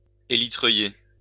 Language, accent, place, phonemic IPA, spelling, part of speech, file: French, France, Lyon, /e.li.tʁœ.je/, hélitreuiller, verb, LL-Q150 (fra)-hélitreuiller.wav
- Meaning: to winch up into a helicopter